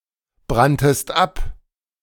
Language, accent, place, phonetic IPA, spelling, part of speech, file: German, Germany, Berlin, [ˌbʁantəst ˈʔap], branntest ab, verb, De-branntest ab.ogg
- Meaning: second-person singular preterite of abbrennen